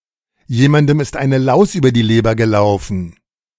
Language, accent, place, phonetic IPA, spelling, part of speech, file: German, Germany, Berlin, [ˈjeːmandəm ɪst ˈaɪ̯nə laʊ̯s ˈyːbɐ diː ˈleːbɐ ɡəˈlaʊ̯fn̩], jemandem ist eine Laus über die Leber gelaufen, phrase, De-jemandem ist eine Laus über die Leber gelaufen.ogg
- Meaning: something has bitten him, something is eating him/something is eating at him (slightly different meaning; irritation without a specific cause: someone has gotten out of bed on the wrong side)